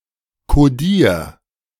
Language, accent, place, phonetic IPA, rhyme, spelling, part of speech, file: German, Germany, Berlin, [koˈdiːɐ̯], -iːɐ̯, kodier, verb, De-kodier.ogg
- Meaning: 1. singular imperative of kodieren 2. first-person singular present of kodieren